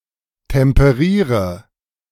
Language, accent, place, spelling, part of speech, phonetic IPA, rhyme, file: German, Germany, Berlin, temperiere, verb, [tɛmpəˈʁiːʁə], -iːʁə, De-temperiere.ogg
- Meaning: inflection of temperieren: 1. first-person singular present 2. first/third-person singular subjunctive I 3. singular imperative